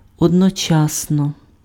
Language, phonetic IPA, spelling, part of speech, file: Ukrainian, [ɔdnɔˈt͡ʃasnɔ], одночасно, adverb, Uk-одночасно.ogg
- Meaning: simultaneously, at the same time